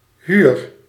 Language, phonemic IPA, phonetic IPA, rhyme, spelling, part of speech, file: Dutch, /ɦyr/, [ɦyːr], -yr, huur, noun / verb, Nl-huur.ogg
- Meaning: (noun) 1. renting, hiring 2. rent; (verb) inflection of huren: 1. first-person singular present indicative 2. second-person singular present indicative 3. imperative